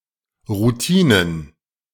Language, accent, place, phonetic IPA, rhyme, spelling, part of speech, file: German, Germany, Berlin, [ʁuˈtiːnən], -iːnən, Routinen, noun, De-Routinen.ogg
- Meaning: plural of Routine